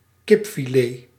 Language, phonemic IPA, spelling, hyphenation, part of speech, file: Dutch, /ˈkɪp.fiˌleː/, kipfilet, kip‧fi‧let, noun, Nl-kipfilet.ogg
- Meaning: chicken fillet